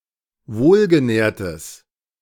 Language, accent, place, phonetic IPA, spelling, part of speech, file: German, Germany, Berlin, [ˈvoːlɡəˌnɛːɐ̯təs], wohlgenährtes, adjective, De-wohlgenährtes.ogg
- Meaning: strong/mixed nominative/accusative neuter singular of wohlgenährt